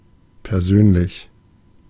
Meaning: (adjective) 1. personal 2. friendly (atmosphere etc.); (adverb) personally, in person
- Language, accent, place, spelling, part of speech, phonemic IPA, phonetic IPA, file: German, Germany, Berlin, persönlich, adjective / adverb, /pɛʁˈzøːnlɪç/, [pʰɛɐ̯ˈzøːnlɪç], De-persönlich.ogg